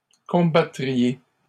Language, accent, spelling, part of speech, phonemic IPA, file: French, Canada, combattriez, verb, /kɔ̃.ba.tʁi.je/, LL-Q150 (fra)-combattriez.wav
- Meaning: second-person plural conditional of combattre